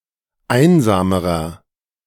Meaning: inflection of einsam: 1. strong/mixed nominative masculine singular comparative degree 2. strong genitive/dative feminine singular comparative degree 3. strong genitive plural comparative degree
- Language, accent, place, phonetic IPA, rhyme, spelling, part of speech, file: German, Germany, Berlin, [ˈaɪ̯nzaːməʁɐ], -aɪ̯nzaːməʁɐ, einsamerer, adjective, De-einsamerer.ogg